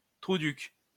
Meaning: asshole; asshat; dickwad
- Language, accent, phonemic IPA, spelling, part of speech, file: French, France, /tʁu.dyk/, trouduc, noun, LL-Q150 (fra)-trouduc.wav